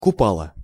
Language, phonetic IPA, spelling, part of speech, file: Russian, [kʊˈpaɫə], купала, verb, Ru-купала.ogg
- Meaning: feminine singular past indicative imperfective of купа́ть (kupátʹ)